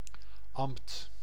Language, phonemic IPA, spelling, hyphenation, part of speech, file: Dutch, /ɑm(p)t/, ambt, ambt, noun, Nl-ambt.ogg
- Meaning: office, function, post (an official position)